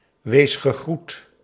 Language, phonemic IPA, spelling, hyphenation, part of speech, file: Dutch, /ˌwesxəˈɣrut/, weesgegroet, wees‧ge‧groet, noun, Nl-weesgegroet.ogg
- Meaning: the Catholic prayer Hail Mary, after its (merged) first words